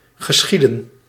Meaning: to occur
- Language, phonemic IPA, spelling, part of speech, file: Dutch, /ɣəˈsxidə(n)/, geschieden, verb, Nl-geschieden.ogg